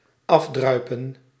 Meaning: 1. to drip off, to drain 2. to slink away shamefully
- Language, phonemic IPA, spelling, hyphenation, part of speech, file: Dutch, /ˈɑfdrœy̯pə(n)/, afdruipen, af‧drui‧pen, verb, Nl-afdruipen.ogg